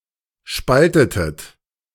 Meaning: inflection of spalten: 1. second-person plural preterite 2. second-person plural subjunctive II
- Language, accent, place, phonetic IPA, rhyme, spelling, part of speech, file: German, Germany, Berlin, [ˈʃpaltətət], -altətət, spaltetet, verb, De-spaltetet.ogg